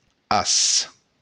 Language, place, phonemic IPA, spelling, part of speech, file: Occitan, Béarn, /as/, as, verb, LL-Q14185 (oci)-as.wav
- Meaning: second-person singular present indicative of aver